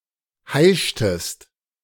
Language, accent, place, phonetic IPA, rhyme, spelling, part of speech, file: German, Germany, Berlin, [ˈhaɪ̯ʃtəst], -aɪ̯ʃtəst, heischtest, verb, De-heischtest.ogg
- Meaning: inflection of heischen: 1. second-person singular preterite 2. second-person singular subjunctive II